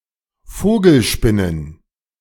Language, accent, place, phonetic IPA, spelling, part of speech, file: German, Germany, Berlin, [ˈfoːɡl̩ˌʃpɪnən], Vogelspinnen, noun, De-Vogelspinnen.ogg
- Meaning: plural of Vogelspinne